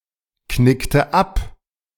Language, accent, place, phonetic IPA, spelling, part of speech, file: German, Germany, Berlin, [ˌknɪktə ˈap], knickte ab, verb, De-knickte ab.ogg
- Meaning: inflection of abknicken: 1. first/third-person singular preterite 2. first/third-person singular subjunctive II